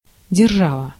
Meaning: 1. state, power (a powerful country) 2. globus cruciger, orb (a globe with a cross used as a symbol of royal power)
- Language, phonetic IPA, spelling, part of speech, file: Russian, [dʲɪrˈʐavə], держава, noun, Ru-держава.ogg